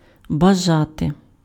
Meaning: 1. to desire, to want, to wish 2. to be anxious, to be willing
- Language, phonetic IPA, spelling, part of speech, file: Ukrainian, [bɐˈʒate], бажати, verb, Uk-бажати.ogg